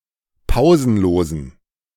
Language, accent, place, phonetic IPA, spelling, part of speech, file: German, Germany, Berlin, [ˈpaʊ̯zn̩ˌloːzn̩], pausenlosen, adjective, De-pausenlosen.ogg
- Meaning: inflection of pausenlos: 1. strong genitive masculine/neuter singular 2. weak/mixed genitive/dative all-gender singular 3. strong/weak/mixed accusative masculine singular 4. strong dative plural